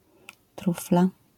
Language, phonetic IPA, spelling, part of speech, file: Polish, [ˈtrufla], trufla, noun, LL-Q809 (pol)-trufla.wav